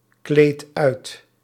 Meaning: inflection of uitkleden: 1. second/third-person singular present indicative 2. plural imperative
- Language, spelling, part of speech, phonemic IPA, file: Dutch, kleedt uit, verb, /ˈklet ˈœyt/, Nl-kleedt uit.ogg